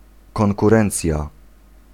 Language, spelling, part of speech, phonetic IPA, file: Polish, konkurencja, noun, [ˌkɔ̃ŋkuˈrɛ̃nt͡sʲja], Pl-konkurencja.ogg